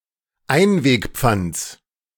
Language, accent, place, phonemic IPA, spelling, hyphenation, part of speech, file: German, Germany, Berlin, /ˈaɪ̯nveːkˌp͡fant͡s/, Einwegpfands, Ein‧weg‧pfands, noun, De-Einwegpfands.ogg
- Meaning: genitive singular of Einwegpfand